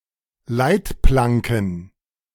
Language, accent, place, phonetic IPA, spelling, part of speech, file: German, Germany, Berlin, [ˈlaɪ̯tˌplaŋkn̩], Leitplanken, noun, De-Leitplanken.ogg
- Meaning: plural of Leitplanke